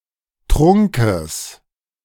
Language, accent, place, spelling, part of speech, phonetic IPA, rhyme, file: German, Germany, Berlin, Trunkes, noun, [ˈtʁʊŋkəs], -ʊŋkəs, De-Trunkes.ogg
- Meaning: genitive singular of Trunk